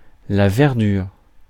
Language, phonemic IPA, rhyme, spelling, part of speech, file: French, /vɛʁ.dyʁ/, -yʁ, verdure, noun, Fr-verdure.ogg
- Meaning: verdure, greenness